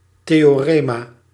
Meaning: theorem
- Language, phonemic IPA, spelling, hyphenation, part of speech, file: Dutch, /ˌteː.oːˈreː.maː/, theorema, the‧o‧re‧ma, noun, Nl-theorema.ogg